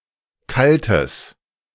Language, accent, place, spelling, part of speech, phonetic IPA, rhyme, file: German, Germany, Berlin, kaltes, adjective, [ˈkaltəs], -altəs, De-kaltes.ogg
- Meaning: strong/mixed nominative/accusative neuter singular of kalt